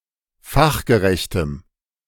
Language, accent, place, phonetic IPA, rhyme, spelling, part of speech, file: German, Germany, Berlin, [ˈfaxɡəˌʁɛçtəm], -axɡəʁɛçtəm, fachgerechtem, adjective, De-fachgerechtem.ogg
- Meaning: strong dative masculine/neuter singular of fachgerecht